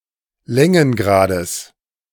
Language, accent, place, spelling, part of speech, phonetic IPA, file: German, Germany, Berlin, Längengrades, noun, [ˈlɛŋənˌɡʁaːdəs], De-Längengrades.ogg
- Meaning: genitive of Längengrad